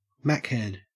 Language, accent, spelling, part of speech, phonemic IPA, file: English, Australia, Machead, noun, /ˈmækˌhɛd/, En-au-Machead.ogg
- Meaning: A fan of the Apple Macintosh computer